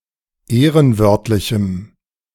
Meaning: strong dative masculine/neuter singular of ehrenwörtlich
- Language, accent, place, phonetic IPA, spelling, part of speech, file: German, Germany, Berlin, [ˈeːʁənˌvœʁtlɪçm̩], ehrenwörtlichem, adjective, De-ehrenwörtlichem.ogg